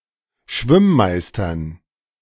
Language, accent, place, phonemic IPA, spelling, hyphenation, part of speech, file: German, Germany, Berlin, /ˈʃvɪmˌmaɪ̯stɐn/, Schwimm-Meistern, Schwimm-‧Meis‧tern, noun, De-Schwimm-Meistern.ogg
- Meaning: dative plural of Schwimm-Meister